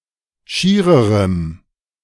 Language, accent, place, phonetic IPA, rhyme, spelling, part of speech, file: German, Germany, Berlin, [ˈʃiːʁəʁəm], -iːʁəʁəm, schiererem, adjective, De-schiererem.ogg
- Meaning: strong dative masculine/neuter singular comparative degree of schier